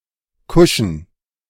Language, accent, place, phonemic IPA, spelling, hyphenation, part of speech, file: German, Germany, Berlin, /ˈkʊʃn̩/, kuschen, ku‧schen, verb, De-kuschen.ogg
- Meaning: 1. to lie down 2. to knuckle under, to kowtow (to act submissively)